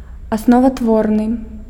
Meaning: basic, fundamental
- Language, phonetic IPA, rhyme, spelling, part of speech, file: Belarusian, [aˌsnovatˈvornɨ], -ornɨ, асноватворны, adjective, Be-асноватворны.ogg